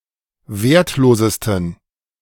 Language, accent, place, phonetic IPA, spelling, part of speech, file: German, Germany, Berlin, [ˈveːɐ̯tˌloːzəstn̩], wertlosesten, adjective, De-wertlosesten.ogg
- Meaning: 1. superlative degree of wertlos 2. inflection of wertlos: strong genitive masculine/neuter singular superlative degree